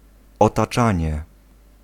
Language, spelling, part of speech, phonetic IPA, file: Polish, otaczanie, noun, [ˌɔtaˈt͡ʃãɲɛ], Pl-otaczanie.ogg